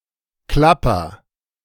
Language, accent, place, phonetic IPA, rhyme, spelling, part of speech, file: German, Germany, Berlin, [ˈklapɐ], -apɐ, Klapper, noun, De-Klapper.ogg
- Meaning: rattle (child's toy, musical instrument, of a rattlesnake, etc.), ratchet (noisemaker, musical instrument)